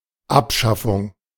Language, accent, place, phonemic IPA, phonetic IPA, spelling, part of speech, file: German, Germany, Berlin, /ˈapˌʃafʊŋ/, [ˈʔapˌʃafʊŋ], Abschaffung, noun, De-Abschaffung.ogg
- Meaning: abolition